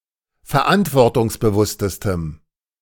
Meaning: strong dative masculine/neuter singular superlative degree of verantwortungsbewusst
- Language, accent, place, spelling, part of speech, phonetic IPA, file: German, Germany, Berlin, verantwortungsbewusstestem, adjective, [fɛɐ̯ˈʔantvɔʁtʊŋsbəˌvʊstəstəm], De-verantwortungsbewusstestem.ogg